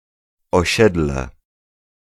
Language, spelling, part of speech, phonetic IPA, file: Polish, osiedle, noun, [ɔˈɕɛdlɛ], Pl-osiedle.ogg